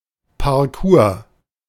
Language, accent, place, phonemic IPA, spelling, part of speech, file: German, Germany, Berlin, /paʁˈkuːɐ̯/, Parcours, noun, De-Parcours.ogg
- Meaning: course